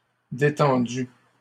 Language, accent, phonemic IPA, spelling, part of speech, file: French, Canada, /de.tɑ̃.dy/, détendue, adjective, LL-Q150 (fra)-détendue.wav
- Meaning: feminine singular of détendu